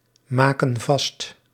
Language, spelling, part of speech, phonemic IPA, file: Dutch, maken vast, verb, /ˈmakə(n) ˈvɑst/, Nl-maken vast.ogg
- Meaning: inflection of vastmaken: 1. plural present indicative 2. plural present subjunctive